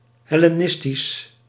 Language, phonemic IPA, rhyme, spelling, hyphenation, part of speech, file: Dutch, /ˌɦɛ.leːˈnɪs.tis/, -ɪstis, hellenistisch, hel‧le‧nis‧tisch, adjective, Nl-hellenistisch.ogg
- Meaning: Hellenistic